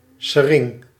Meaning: lilac, woody plant of the genus Syringa
- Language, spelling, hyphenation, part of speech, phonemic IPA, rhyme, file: Dutch, sering, se‧ring, noun, /səˈrɪŋ/, -ɪŋ, Nl-sering.ogg